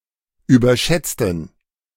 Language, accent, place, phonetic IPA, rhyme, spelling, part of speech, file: German, Germany, Berlin, [yːbɐˈʃɛt͡stn̩], -ɛt͡stn̩, überschätzten, adjective / verb, De-überschätzten.ogg
- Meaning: inflection of überschätzen: 1. first/third-person plural preterite 2. first/third-person plural subjunctive II